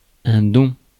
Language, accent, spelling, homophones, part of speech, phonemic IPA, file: French, France, don, dom / dons / dont, noun, /dɔ̃/, Fr-don.ogg
- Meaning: 1. gift, talent, knack 2. gift (present) 3. donation